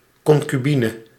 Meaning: 1. concubine 2. female partner in a common-law marriage
- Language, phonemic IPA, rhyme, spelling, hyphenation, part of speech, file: Dutch, /ˌkɔŋ.kyˈbi.nə/, -inə, concubine, con‧cu‧bi‧ne, noun, Nl-concubine.ogg